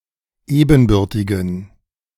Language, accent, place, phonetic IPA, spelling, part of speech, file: German, Germany, Berlin, [ˈeːbn̩ˌbʏʁtɪɡn̩], ebenbürtigen, adjective, De-ebenbürtigen.ogg
- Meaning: inflection of ebenbürtig: 1. strong genitive masculine/neuter singular 2. weak/mixed genitive/dative all-gender singular 3. strong/weak/mixed accusative masculine singular 4. strong dative plural